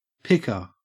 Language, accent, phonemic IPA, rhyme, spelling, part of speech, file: English, Australia, /ˈpɪkə(ɹ)/, -ɪkə(ɹ), picker, noun, En-au-picker.ogg
- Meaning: 1. Agent noun of pick; one who picks 2. Agent noun of pick; one who picks.: A worker responsible for picking or retrieving ordered items, etc 3. Any user interface control that selects something